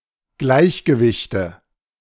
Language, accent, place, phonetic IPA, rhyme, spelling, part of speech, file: German, Germany, Berlin, [ˈɡlaɪ̯çɡəˌvɪçtə], -aɪ̯çɡəvɪçtə, Gleichgewichte, noun, De-Gleichgewichte.ogg
- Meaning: nominative/accusative/genitive plural of Gleichgewicht